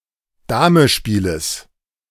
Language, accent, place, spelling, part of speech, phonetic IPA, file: German, Germany, Berlin, Damespieles, noun, [ˈdaːməˌʃpiːləs], De-Damespieles.ogg
- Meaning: genitive singular of Damespiel